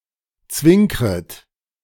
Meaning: second-person plural subjunctive I of zwinkern
- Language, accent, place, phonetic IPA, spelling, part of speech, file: German, Germany, Berlin, [ˈt͡svɪŋkʁət], zwinkret, verb, De-zwinkret.ogg